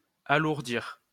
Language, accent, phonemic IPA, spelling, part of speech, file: French, France, /a.luʁ.diʁ/, alourdir, verb, LL-Q150 (fra)-alourdir.wav
- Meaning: 1. to weigh down 2. to pile up (of e.g. problems, to get worse)